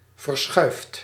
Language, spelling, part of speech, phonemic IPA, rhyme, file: Dutch, verschuift, verb, /vərˈsxœy̯ft/, -œy̯ft, Nl-verschuift.ogg
- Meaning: inflection of verschuiven: 1. second/third-person singular present indicative 2. plural imperative